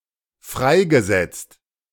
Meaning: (verb) past participle of freisetzen; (adjective) 1. released, liberated 2. made redundant
- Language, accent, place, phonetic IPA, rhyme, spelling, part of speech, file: German, Germany, Berlin, [ˈfʁaɪ̯ɡəˌzɛt͡st], -aɪ̯ɡəzɛt͡st, freigesetzt, verb, De-freigesetzt.ogg